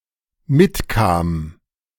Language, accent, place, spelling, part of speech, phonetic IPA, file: German, Germany, Berlin, mitkam, verb, [ˈmɪtˌkaːm], De-mitkam.ogg
- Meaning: first/third-person singular dependent preterite of mitkommen